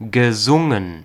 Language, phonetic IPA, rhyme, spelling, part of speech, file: German, [ɡəˈzʊŋən], -ʊŋən, gesungen, verb, De-gesungen.ogg
- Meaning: past participle of singen